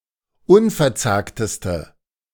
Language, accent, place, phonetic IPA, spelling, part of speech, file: German, Germany, Berlin, [ˈʊnfɛɐ̯ˌt͡saːktəstə], unverzagteste, adjective, De-unverzagteste.ogg
- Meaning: inflection of unverzagt: 1. strong/mixed nominative/accusative feminine singular superlative degree 2. strong nominative/accusative plural superlative degree